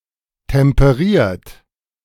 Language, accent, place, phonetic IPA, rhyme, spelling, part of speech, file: German, Germany, Berlin, [tɛmpəˈʁiːɐ̯t], -iːɐ̯t, temperiert, verb, De-temperiert.ogg
- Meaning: 1. past participle of temperieren 2. inflection of temperieren: second-person plural present 3. inflection of temperieren: third-person singular present 4. inflection of temperieren: plural imperative